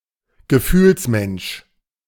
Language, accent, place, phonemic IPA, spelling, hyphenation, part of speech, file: German, Germany, Berlin, /ɡəˈfyːlsˌmɛnʃ/, Gefühlsmensch, Ge‧fühls‧mensch, noun, De-Gefühlsmensch.ogg
- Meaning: sentimentalist